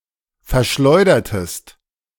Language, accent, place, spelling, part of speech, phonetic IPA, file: German, Germany, Berlin, verschleudertest, verb, [fɛɐ̯ˈʃlɔɪ̯dɐtəst], De-verschleudertest.ogg
- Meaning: inflection of verschleudern: 1. second-person singular preterite 2. second-person singular subjunctive II